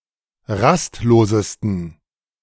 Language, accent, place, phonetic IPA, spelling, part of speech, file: German, Germany, Berlin, [ˈʁastˌloːzəstn̩], rastlosesten, adjective, De-rastlosesten.ogg
- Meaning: 1. superlative degree of rastlos 2. inflection of rastlos: strong genitive masculine/neuter singular superlative degree